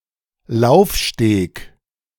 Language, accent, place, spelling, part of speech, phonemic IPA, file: German, Germany, Berlin, Laufsteg, noun, /ˈlaʊ̯fˌʃteːk/, De-Laufsteg.ogg
- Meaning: catwalk, runway (elevated stage on which models parade)